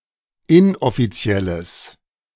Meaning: strong/mixed nominative/accusative neuter singular of inoffiziell
- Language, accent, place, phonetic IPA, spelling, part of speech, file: German, Germany, Berlin, [ˈɪnʔɔfiˌt͡si̯ɛləs], inoffizielles, adjective, De-inoffizielles.ogg